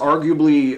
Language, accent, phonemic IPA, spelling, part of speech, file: English, US, /ˈɑɹɡjuəbli/, arguably, adverb, En-us-arguably.ogg
- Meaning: As can be supported or proven by sound logical deduction, evidence, and precedent, but without absolute certainty